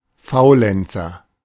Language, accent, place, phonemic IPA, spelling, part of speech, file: German, Germany, Berlin, /ˈfaʊ̯lɛnt͡sɐ/, Faulenzer, noun, De-Faulenzer.ogg
- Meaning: idler; loafer; layabout